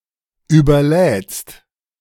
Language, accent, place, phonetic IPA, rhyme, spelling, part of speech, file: German, Germany, Berlin, [yːbɐˈlɛːt͡st], -ɛːt͡st, überlädst, verb, De-überlädst.ogg
- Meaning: second-person singular present of überladen